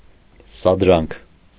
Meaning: provocation, instigation, incitement
- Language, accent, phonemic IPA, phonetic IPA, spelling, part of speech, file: Armenian, Eastern Armenian, /sɑdˈɾɑnkʰ/, [sɑdɾɑ́ŋkʰ], սադրանք, noun, Hy-սադրանք.ogg